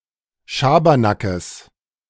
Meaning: genitive singular of Schabernack
- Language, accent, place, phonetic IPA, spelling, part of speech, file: German, Germany, Berlin, [ˈʃaːbɐnakəs], Schabernackes, noun, De-Schabernackes.ogg